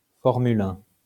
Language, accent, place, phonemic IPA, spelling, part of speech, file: French, France, Lyon, /fɔʁ.my.l‿œ̃/, Formule 1, noun, LL-Q150 (fra)-Formule 1.wav
- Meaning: Formula One